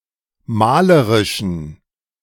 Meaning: inflection of malerisch: 1. strong genitive masculine/neuter singular 2. weak/mixed genitive/dative all-gender singular 3. strong/weak/mixed accusative masculine singular 4. strong dative plural
- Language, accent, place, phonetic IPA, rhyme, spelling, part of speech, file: German, Germany, Berlin, [ˈmaːləʁɪʃn̩], -aːləʁɪʃn̩, malerischen, adjective, De-malerischen.ogg